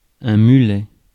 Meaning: 1. mule 2. mullet (fish) 3. mullet (hairstyle) 4. back-up car
- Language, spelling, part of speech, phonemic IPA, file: French, mulet, noun, /my.lɛ/, Fr-mulet.ogg